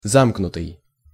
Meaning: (verb) past passive perfective participle of замкну́ть (zamknútʹ); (adjective) 1. reserved 2. tight-lipped 3. secluded, isolated 4. exclusive 5. closed
- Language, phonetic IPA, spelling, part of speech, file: Russian, [ˈzamknʊtɨj], замкнутый, verb / adjective, Ru-замкнутый.ogg